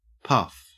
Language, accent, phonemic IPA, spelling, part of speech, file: English, Australia, /pɐf/, puff, noun / verb, En-au-puff.ogg
- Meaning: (noun) 1. A sharp exhalation of a small amount of breath through the mouth 2. The ability to breathe easily while exerting oneself 3. A small quantity of gas or smoke in the air